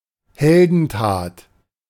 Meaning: 1. exploit, heroic deed 2. heroics (in the plural)
- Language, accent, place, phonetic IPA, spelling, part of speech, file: German, Germany, Berlin, [ˈhɛldn̩ˌtaːt], Heldentat, noun, De-Heldentat.ogg